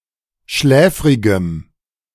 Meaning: strong dative masculine/neuter singular of schläfrig
- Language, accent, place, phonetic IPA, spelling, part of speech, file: German, Germany, Berlin, [ˈʃlɛːfʁɪɡəm], schläfrigem, adjective, De-schläfrigem.ogg